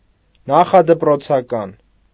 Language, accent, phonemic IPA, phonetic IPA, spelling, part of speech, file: Armenian, Eastern Armenian, /nɑχɑdəpɾot͡sʰɑˈkɑn/, [nɑχɑdəpɾot͡sʰɑkɑ́n], նախադպրոցական, adjective / noun, Hy-նախադպրոցական.ogg
- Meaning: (adjective) preschool; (noun) preschooler, preschool child